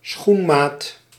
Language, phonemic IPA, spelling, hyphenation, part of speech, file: Dutch, /ˈsxun.maːt/, schoenmaat, schoen‧maat, noun, Nl-schoenmaat.ogg
- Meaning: shoe size